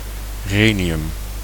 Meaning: rhenium
- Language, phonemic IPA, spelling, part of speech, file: Dutch, /ˈreniˌjʏm/, renium, noun, Nl-renium.ogg